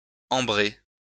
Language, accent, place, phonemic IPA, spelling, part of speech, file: French, France, Lyon, /ɑ̃.bʁe/, ambré, verb / adjective, LL-Q150 (fra)-ambré.wav
- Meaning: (verb) past participle of ambrer; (adjective) 1. perfumed, notably musky with (or like) ambergris 2. colored amber, of a brownish to yellow/orange colour